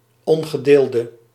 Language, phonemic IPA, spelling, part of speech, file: Dutch, /ˈɔŋɣəˌdeldə/, ongedeelde, adjective, Nl-ongedeelde.ogg
- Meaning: inflection of ongedeeld: 1. masculine/feminine singular attributive 2. definite neuter singular attributive 3. plural attributive